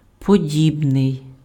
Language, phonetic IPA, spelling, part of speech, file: Ukrainian, [poˈdʲibnei̯], подібний, adjective, Uk-подібний.ogg
- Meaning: similar, alike